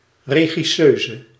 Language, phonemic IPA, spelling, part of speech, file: Dutch, /reɣiˈsøzə/, regisseuse, noun, Nl-regisseuse.ogg
- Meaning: female director